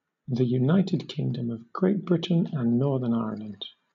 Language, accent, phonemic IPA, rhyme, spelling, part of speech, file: English, Southern England, /juːˈkeɪ/, -eɪ, UK, proper noun, LL-Q1860 (eng)-UK.wav
- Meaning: 1. Initialism of United Kingdom 2. Initialism of University of Kentucky 3. Initialism of Uttarakhand